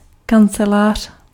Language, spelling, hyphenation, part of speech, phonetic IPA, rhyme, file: Czech, kancelář, kan‧ce‧lář, noun, [ˈkant͡sɛlaːr̝̊], -ɛlaːr̝̊, Cs-kancelář.ogg
- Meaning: 1. office (room) 2. agency